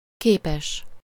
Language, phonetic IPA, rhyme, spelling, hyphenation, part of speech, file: Hungarian, [ˈkeːpɛʃ], -ɛʃ, képes, ké‧pes, adjective, Hu-képes.ogg
- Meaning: 1. formed, shaped 2. similar 3. figurative, metaphorical (usually with beszéd) 4. pictured, illustrated (decorated with pictures, such as a book, magazine, postcard, presentation, news report, etc.)